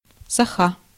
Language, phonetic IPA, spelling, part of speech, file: Russian, [sɐˈxa], соха, noun, Ru-соха.ogg